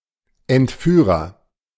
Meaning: agent noun of entführen; abductor
- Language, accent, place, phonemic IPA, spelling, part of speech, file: German, Germany, Berlin, /ɛntˈfyːʁɐ/, Entführer, noun, De-Entführer.ogg